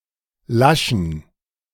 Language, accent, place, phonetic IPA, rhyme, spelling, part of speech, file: German, Germany, Berlin, [ˈlaʃn̩], -aʃn̩, laschen, verb / adjective, De-laschen.ogg
- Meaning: inflection of lasch: 1. strong genitive masculine/neuter singular 2. weak/mixed genitive/dative all-gender singular 3. strong/weak/mixed accusative masculine singular 4. strong dative plural